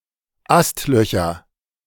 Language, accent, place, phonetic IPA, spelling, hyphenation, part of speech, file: German, Germany, Berlin, [ˈastˌlœçɐ], Astlöcher, Ast‧lö‧cher, noun, De-Astlöcher.ogg
- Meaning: nominative/accusative/genitive plural of Astloch